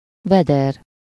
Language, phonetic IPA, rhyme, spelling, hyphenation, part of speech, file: Hungarian, [ˈvɛdɛr], -ɛr, veder, ve‧der, noun, Hu-veder.ogg
- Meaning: alternative form of vödör (“bucket”)